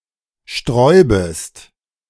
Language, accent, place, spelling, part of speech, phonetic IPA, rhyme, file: German, Germany, Berlin, sträubest, verb, [ˈʃtʁɔɪ̯bəst], -ɔɪ̯bəst, De-sträubest.ogg
- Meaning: second-person singular subjunctive I of sträuben